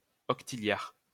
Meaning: sexdecillion (10⁵¹)
- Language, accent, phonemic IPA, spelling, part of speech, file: French, France, /ɔk.ti.ljaʁ/, octilliard, numeral, LL-Q150 (fra)-octilliard.wav